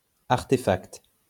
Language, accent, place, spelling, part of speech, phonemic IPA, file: French, France, Lyon, artéfact, noun, /aʁ.te.fakt/, LL-Q150 (fra)-artéfact.wav
- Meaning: artefact / artifact